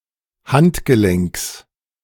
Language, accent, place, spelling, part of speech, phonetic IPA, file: German, Germany, Berlin, Handgelenks, noun, [ˈhantɡəˌlɛŋks], De-Handgelenks.ogg
- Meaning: genitive singular of Handgelenk